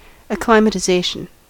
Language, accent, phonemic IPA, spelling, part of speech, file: English, US, /əˌklaɪ.mə.təˈzeɪ.ʃən/, acclimatization, noun, En-us-acclimatization.ogg
- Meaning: 1. The act of acclimatizing; the process of inuring to a new climate, or the state of being so inured 2. The climatic adaptation of an organism that has been moved to a new environment